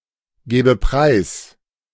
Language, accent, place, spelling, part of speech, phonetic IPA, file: German, Germany, Berlin, gäbe preis, verb, [ˌɡɛːbə ˈpʁaɪ̯s], De-gäbe preis.ogg
- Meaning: first/third-person singular subjunctive II of preisgeben